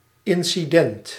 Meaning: an incident
- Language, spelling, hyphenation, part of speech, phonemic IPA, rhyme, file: Dutch, incident, in‧ci‧dent, noun, /ˌɪn.siˈdɛnt/, -ɛnt, Nl-incident.ogg